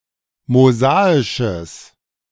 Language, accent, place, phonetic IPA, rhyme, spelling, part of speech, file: German, Germany, Berlin, [moˈzaːɪʃəs], -aːɪʃəs, mosaisches, adjective, De-mosaisches.ogg
- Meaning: strong/mixed nominative/accusative neuter singular of mosaisch